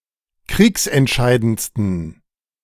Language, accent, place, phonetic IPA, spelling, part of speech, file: German, Germany, Berlin, [ˈkʁiːksɛntˌʃaɪ̯dənt͡stn̩], kriegsentscheidendsten, adjective, De-kriegsentscheidendsten.ogg
- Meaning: 1. superlative degree of kriegsentscheidend 2. inflection of kriegsentscheidend: strong genitive masculine/neuter singular superlative degree